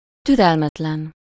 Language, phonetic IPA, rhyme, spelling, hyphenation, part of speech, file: Hungarian, [ˈtyrɛlmɛtlɛn], -ɛn, türelmetlen, tü‧rel‧met‧len, adjective, Hu-türelmetlen.ogg
- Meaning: impatient, intolerant